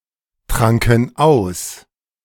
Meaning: first/third-person plural preterite of austrinken
- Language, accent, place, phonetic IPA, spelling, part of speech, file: German, Germany, Berlin, [ˌtʁaŋkn̩ ˈaʊ̯s], tranken aus, verb, De-tranken aus.ogg